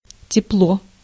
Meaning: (noun) 1. heat (physics: thermal energy) 2. warmth 3. warm weather; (adverb) 1. warm, warmly (adverb form of тёплый) 2. cordially; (adjective) short neuter singular of тёплый (tjóplyj)
- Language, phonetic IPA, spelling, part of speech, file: Russian, [tʲɪˈpɫo], тепло, noun / adverb / adjective, Ru-тепло.ogg